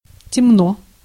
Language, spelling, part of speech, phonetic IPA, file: Russian, темно, adverb / adjective, [tʲɪˈmno], Ru-темно.ogg
- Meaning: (adverb) 1. darkly 2. obscurely 3. gloomily 4. shadily, dubiously 5. evilly, maliciously 6. ignorantly, slowly, backwardly; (adjective) short neuter singular of тёмный (tjómnyj)